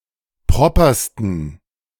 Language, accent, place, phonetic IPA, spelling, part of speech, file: German, Germany, Berlin, [ˈpʁɔpɐstn̩], propersten, adjective, De-propersten.ogg
- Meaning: 1. superlative degree of proper 2. inflection of proper: strong genitive masculine/neuter singular superlative degree